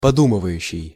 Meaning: present active imperfective participle of поду́мывать (podúmyvatʹ)
- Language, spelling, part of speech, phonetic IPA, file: Russian, подумывающий, verb, [pɐˈdumɨvəjʉɕːɪj], Ru-подумывающий.ogg